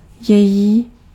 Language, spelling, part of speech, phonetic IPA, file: Czech, její, determiner, [ˈjɛjiː], Cs-její.ogg
- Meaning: her (belonging to her), its (belonging to a feminine singular noun)